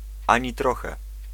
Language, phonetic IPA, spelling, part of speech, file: Polish, [ˈãɲi ˈtrɔxɛ], ani trochę, adverbial phrase, Pl-ani trochę.ogg